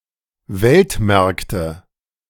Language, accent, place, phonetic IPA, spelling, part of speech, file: German, Germany, Berlin, [ˈvɛltˌmɛʁktə], Weltmärkte, noun, De-Weltmärkte.ogg
- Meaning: nominative/accusative/genitive plural of Weltmarkt